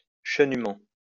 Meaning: 1. hoarily 2. excellently
- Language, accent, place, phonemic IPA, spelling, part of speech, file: French, France, Lyon, /ʃə.ny.mɑ̃/, chenument, adverb, LL-Q150 (fra)-chenument.wav